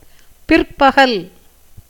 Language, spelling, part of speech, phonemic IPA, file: Tamil, பிற்பகல், noun, /pɪrpɐɡɐl/, Ta-பிற்பகல்.ogg
- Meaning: afternoon